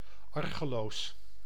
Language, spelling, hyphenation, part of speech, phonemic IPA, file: Dutch, argeloos, ar‧ge‧loos, adjective, /ˈɑr.ɣəˌloːs/, Nl-argeloos.ogg
- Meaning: unsuspecting